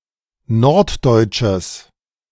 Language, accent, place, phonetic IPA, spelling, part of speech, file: German, Germany, Berlin, [ˈnɔʁtˌdɔɪ̯t͡ʃəs], norddeutsches, adjective, De-norddeutsches.ogg
- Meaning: strong/mixed nominative/accusative neuter singular of norddeutsch